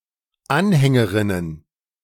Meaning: feminine plural of Anhängerin
- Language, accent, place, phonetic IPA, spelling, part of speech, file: German, Germany, Berlin, [ˈanˌhɛŋəʁɪnən], Anhängerinnen, noun, De-Anhängerinnen.ogg